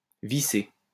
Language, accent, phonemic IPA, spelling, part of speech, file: French, France, /vi.se/, visser, verb, LL-Q150 (fra)-visser.wav
- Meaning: 1. to screw in; to screw on 2. to serve 3. to sell drugs